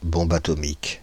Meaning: atomic bomb (nuclear weapon)
- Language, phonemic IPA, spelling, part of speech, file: French, /bɔ̃.b‿a.tɔ.mik/, bombe atomique, noun, Fr-bombe atomique.ogg